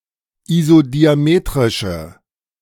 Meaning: inflection of isodiametrisch: 1. strong/mixed nominative/accusative feminine singular 2. strong nominative/accusative plural 3. weak nominative all-gender singular
- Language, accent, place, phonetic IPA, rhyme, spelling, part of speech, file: German, Germany, Berlin, [izodiaˈmeːtʁɪʃə], -eːtʁɪʃə, isodiametrische, adjective, De-isodiametrische.ogg